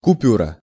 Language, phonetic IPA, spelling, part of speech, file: Russian, [kʊˈpʲurə], купюра, noun, Ru-купюра.ogg
- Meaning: 1. banknote 2. cut, deletion (in a video or audio record, film, etc.)